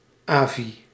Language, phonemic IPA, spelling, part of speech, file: Dutch, /ˈaː.vi/, avi-, prefix, Nl-avi-.ogg
- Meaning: avi-: pertaining to birds or flight